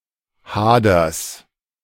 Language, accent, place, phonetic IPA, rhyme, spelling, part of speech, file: German, Germany, Berlin, [ˈhaːdɐs], -aːdɐs, Haders, noun, De-Haders.ogg
- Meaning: genitive singular of Hader